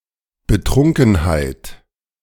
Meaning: drunkenness, inebriation, intoxication
- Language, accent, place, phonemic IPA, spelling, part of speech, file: German, Germany, Berlin, /bəˈtʁʊŋkənhaɪ̯t/, Betrunkenheit, noun, De-Betrunkenheit.ogg